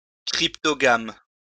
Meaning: cryptogam
- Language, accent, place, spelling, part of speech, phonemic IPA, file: French, France, Lyon, cryptogame, noun, /kʁip.tɔ.ɡam/, LL-Q150 (fra)-cryptogame.wav